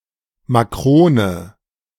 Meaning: macaroon
- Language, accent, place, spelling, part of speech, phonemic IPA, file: German, Germany, Berlin, Makrone, noun, /maˈkʁoːnə/, De-Makrone.ogg